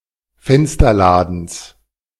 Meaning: genitive singular of Fensterladen
- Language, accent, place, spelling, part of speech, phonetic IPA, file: German, Germany, Berlin, Fensterladens, noun, [ˈfɛnstɐˌlaːdn̩s], De-Fensterladens.ogg